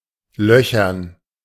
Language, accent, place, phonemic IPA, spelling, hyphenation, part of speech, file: German, Germany, Berlin, /ˈlœçɐn/, löchern, lö‧chern, verb, De-löchern.ogg
- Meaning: 1. to perforate 2. to pester